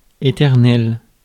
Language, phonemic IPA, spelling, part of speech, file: French, /e.tɛʁ.nɛl/, éternel, adjective, Fr-éternel.ogg
- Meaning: eternal (ever-lasting)